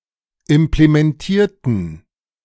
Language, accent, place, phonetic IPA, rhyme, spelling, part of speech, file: German, Germany, Berlin, [ɪmplemɛnˈtiːɐ̯tn̩], -iːɐ̯tn̩, implementierten, adjective / verb, De-implementierten.ogg
- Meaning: inflection of implementieren: 1. first/third-person plural preterite 2. first/third-person plural subjunctive II